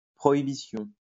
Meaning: 1. prohibition 2. prohibition: prohibition of alcohol
- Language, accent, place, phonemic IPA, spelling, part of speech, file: French, France, Lyon, /pʁɔ.i.bi.sjɔ̃/, prohibition, noun, LL-Q150 (fra)-prohibition.wav